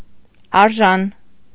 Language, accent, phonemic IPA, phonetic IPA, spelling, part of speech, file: Armenian, Eastern Armenian, /ɑɾˈʒɑn/, [ɑɾʒɑ́n], արժան, adjective, Hy-արժան.ogg
- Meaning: 1. worthy, proper, fitting 2. cheap